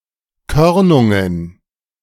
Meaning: plural of Körnung
- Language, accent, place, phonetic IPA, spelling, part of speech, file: German, Germany, Berlin, [ˈkœʁnʊŋən], Körnungen, noun, De-Körnungen.ogg